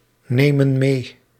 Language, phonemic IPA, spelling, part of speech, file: Dutch, /ˈnemə(n) ˈme/, nemen mee, verb, Nl-nemen mee.ogg
- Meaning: inflection of meenemen: 1. plural present indicative 2. plural present subjunctive